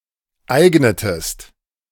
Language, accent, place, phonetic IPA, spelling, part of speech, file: German, Germany, Berlin, [ˈaɪ̯ɡnətəst], eignetest, verb, De-eignetest.ogg
- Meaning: inflection of eignen: 1. second-person singular preterite 2. second-person singular subjunctive II